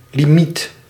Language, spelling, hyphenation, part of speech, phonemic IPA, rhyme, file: Dutch, limiet, li‧miet, noun, /liˈmit/, -it, Nl-limiet.ogg
- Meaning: limit